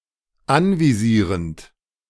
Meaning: present participle of anvisieren
- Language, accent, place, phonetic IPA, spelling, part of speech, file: German, Germany, Berlin, [ˈanviˌziːʁənt], anvisierend, verb, De-anvisierend.ogg